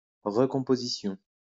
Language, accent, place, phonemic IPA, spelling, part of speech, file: French, France, Lyon, /ʁə.kɔ̃.po.zi.sjɔ̃/, recomposition, noun, LL-Q150 (fra)-recomposition.wav
- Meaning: 1. recomposition 2. process by which a compound word which has undergone phonetic changes is reformed anew from its constituents; the result of that process